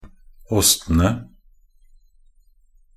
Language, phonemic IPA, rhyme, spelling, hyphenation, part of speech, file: Norwegian Bokmål, /ˈɔstənə/, -ənə, åstene, ås‧te‧ne, noun, Nb-åstene.ogg
- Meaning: definite plural of åst